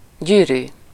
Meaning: 1. ring, finger ring (object designed to be worn on a finger) 2. ring (group of atoms linked by bonds) 3. ring (algebraic structure) 4. ring (planar geometrical figure)
- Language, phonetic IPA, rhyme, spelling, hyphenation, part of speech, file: Hungarian, [ˈɟyːryː], -ryː, gyűrű, gyű‧rű, noun, Hu-gyűrű.ogg